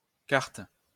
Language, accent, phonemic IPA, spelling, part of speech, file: French, France, /kaʁt/, quarte, noun, LL-Q150 (fra)-quarte.wav
- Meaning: 1. fourth (music interval) 2. quarte